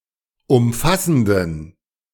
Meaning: inflection of umfassend: 1. strong genitive masculine/neuter singular 2. weak/mixed genitive/dative all-gender singular 3. strong/weak/mixed accusative masculine singular 4. strong dative plural
- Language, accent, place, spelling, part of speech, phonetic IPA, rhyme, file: German, Germany, Berlin, umfassenden, adjective, [ʊmˈfasn̩dən], -asn̩dən, De-umfassenden.ogg